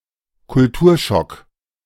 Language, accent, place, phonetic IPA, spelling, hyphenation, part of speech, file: German, Germany, Berlin, [kʊlˈtuːɐ̯ˌʃɔk], Kulturschock, Kul‧tur‧schock, noun, De-Kulturschock.ogg
- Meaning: culture shock